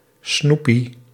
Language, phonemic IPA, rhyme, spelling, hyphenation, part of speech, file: Dutch, /ˈsnu.pi/, -upi, snoepie, snoe‧pie, noun, Nl-snoepie.ogg
- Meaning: alternative form of snoepje